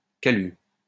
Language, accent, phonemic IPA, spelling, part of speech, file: French, France, /ka.lys/, calus, noun, LL-Q150 (fra)-calus.wav
- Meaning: callus (hardened part of the skin)